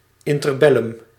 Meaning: the interbellum between World War I and World War II
- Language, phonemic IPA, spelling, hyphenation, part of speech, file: Dutch, /ˌɪn.tərˈbɛ.lʏm/, interbellum, in‧ter‧bel‧lum, proper noun, Nl-interbellum.ogg